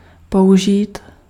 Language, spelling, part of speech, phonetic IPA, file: Czech, použít, verb, [ˈpoʔuʒiːt], Cs-použít.ogg
- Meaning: to use [with accusative ‘something’; or with genitive ‘’] (higher register with genitive)